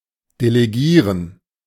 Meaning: to delegate
- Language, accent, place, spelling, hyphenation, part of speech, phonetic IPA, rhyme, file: German, Germany, Berlin, delegieren, de‧le‧gie‧ren, verb, [deleˈɡiːʁən], -iːʁən, De-delegieren.ogg